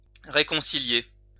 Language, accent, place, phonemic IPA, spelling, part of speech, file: French, France, Lyon, /ʁe.kɔ̃.si.lje/, réconcilier, verb, LL-Q150 (fra)-réconcilier.wav
- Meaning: 1. to reconcile 2. to reconcile, to match up 3. to be reconciled, to make it up